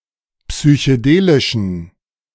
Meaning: inflection of psychedelisch: 1. strong genitive masculine/neuter singular 2. weak/mixed genitive/dative all-gender singular 3. strong/weak/mixed accusative masculine singular 4. strong dative plural
- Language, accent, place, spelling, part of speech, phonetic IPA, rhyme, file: German, Germany, Berlin, psychedelischen, adjective, [psyçəˈdeːlɪʃn̩], -eːlɪʃn̩, De-psychedelischen.ogg